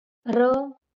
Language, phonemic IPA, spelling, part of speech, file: Marathi, /ɾə/, र, character, LL-Q1571 (mar)-र.wav
- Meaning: The twenty-seventh consonant in Marathi